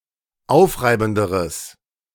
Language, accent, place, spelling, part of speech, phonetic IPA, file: German, Germany, Berlin, aufreibenderes, adjective, [ˈaʊ̯fˌʁaɪ̯bn̩dəʁəs], De-aufreibenderes.ogg
- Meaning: strong/mixed nominative/accusative neuter singular comparative degree of aufreibend